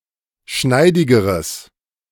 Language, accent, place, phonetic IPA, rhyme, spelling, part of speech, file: German, Germany, Berlin, [ˈʃnaɪ̯dɪɡəʁəs], -aɪ̯dɪɡəʁəs, schneidigeres, adjective, De-schneidigeres.ogg
- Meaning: strong/mixed nominative/accusative neuter singular comparative degree of schneidig